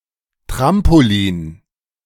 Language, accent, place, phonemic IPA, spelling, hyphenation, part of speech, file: German, Germany, Berlin, /ˈtʁampoˌliːn/, Trampolin, Tram‧po‧lin, noun, De-Trampolin.ogg
- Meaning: trampoline